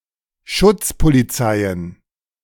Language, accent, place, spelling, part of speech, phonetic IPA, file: German, Germany, Berlin, Schutzpolizeien, noun, [ˈʃʊt͡spoliˌt͡saɪ̯ən], De-Schutzpolizeien.ogg
- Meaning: plural of Schutzpolizei